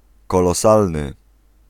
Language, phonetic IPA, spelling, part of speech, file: Polish, [ˌkɔlɔˈsalnɨ], kolosalny, adjective, Pl-kolosalny.ogg